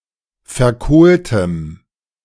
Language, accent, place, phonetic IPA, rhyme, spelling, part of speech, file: German, Germany, Berlin, [fɛɐ̯ˈkoːltəm], -oːltəm, verkohltem, adjective, De-verkohltem.ogg
- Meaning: strong dative masculine/neuter singular of verkohlt